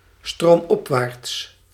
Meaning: upstream, upriver
- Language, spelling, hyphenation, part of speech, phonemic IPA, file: Dutch, stroomopwaarts, stroom‧op‧waarts, adverb, /ˌstroːmˈɔp.ʋaːrts/, Nl-stroomopwaarts.ogg